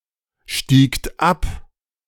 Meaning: second-person plural preterite of absteigen
- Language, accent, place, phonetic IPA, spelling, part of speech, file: German, Germany, Berlin, [ˌʃtiːkt ˈap], stiegt ab, verb, De-stiegt ab.ogg